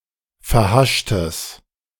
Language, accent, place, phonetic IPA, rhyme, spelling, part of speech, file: German, Germany, Berlin, [fɛɐ̯ˈhaʃtəs], -aʃtəs, verhaschtes, adjective, De-verhaschtes.ogg
- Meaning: strong/mixed nominative/accusative neuter singular of verhascht